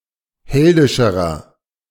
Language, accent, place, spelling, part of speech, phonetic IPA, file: German, Germany, Berlin, heldischerer, adjective, [ˈhɛldɪʃəʁɐ], De-heldischerer.ogg
- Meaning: inflection of heldisch: 1. strong/mixed nominative masculine singular comparative degree 2. strong genitive/dative feminine singular comparative degree 3. strong genitive plural comparative degree